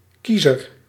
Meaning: voter
- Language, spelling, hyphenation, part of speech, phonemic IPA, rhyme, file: Dutch, kiezer, kie‧zer, noun, /ˈki.zər/, -izər, Nl-kiezer.ogg